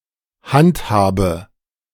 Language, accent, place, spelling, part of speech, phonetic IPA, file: German, Germany, Berlin, handhabe, verb, [ˈhantˌhaːbə], De-handhabe.ogg
- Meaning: inflection of handhaben: 1. first-person singular present 2. first/third-person singular subjunctive I 3. singular imperative